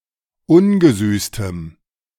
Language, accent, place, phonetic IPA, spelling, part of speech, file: German, Germany, Berlin, [ˈʊnɡəˌzyːstəm], ungesüßtem, adjective, De-ungesüßtem.ogg
- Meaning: strong dative masculine/neuter singular of ungesüßt